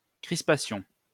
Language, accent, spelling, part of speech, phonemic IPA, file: French, France, crispation, noun, /kʁis.pa.sjɔ̃/, LL-Q150 (fra)-crispation.wav
- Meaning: 1. twitch 2. tension